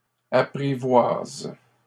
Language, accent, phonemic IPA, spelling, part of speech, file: French, Canada, /a.pʁi.vwaz/, apprivoises, verb, LL-Q150 (fra)-apprivoises.wav
- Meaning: second-person singular present indicative/subjunctive of apprivoiser